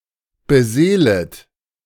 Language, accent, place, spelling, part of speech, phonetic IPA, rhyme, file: German, Germany, Berlin, beseelet, verb, [bəˈzeːlət], -eːlət, De-beseelet.ogg
- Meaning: second-person plural subjunctive I of beseelen